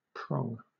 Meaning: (noun) 1. A thin, pointed, projecting part, as of an antler or a fork or similar tool 2. A branch; a fork 3. A fork (agricultural tool) 4. The penis
- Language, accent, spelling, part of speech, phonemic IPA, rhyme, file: English, Southern England, prong, noun / verb, /pɹɒŋ/, -ɒŋ, LL-Q1860 (eng)-prong.wav